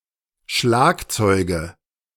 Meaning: nominative/accusative/genitive plural of Schlagzeug
- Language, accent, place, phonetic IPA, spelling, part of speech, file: German, Germany, Berlin, [ˈʃlaːkˌt͡sɔɪ̯ɡə], Schlagzeuge, noun, De-Schlagzeuge.ogg